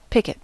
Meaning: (noun) 1. A stake driven into the ground 2. A type of punishment by which an offender had to rest his or her entire body weight on the top of a small stake
- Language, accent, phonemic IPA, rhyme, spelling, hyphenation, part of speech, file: English, General American, /ˈpɪkɪt/, -ɪkɪt, picket, pick‧et, noun / verb, En-us-picket.ogg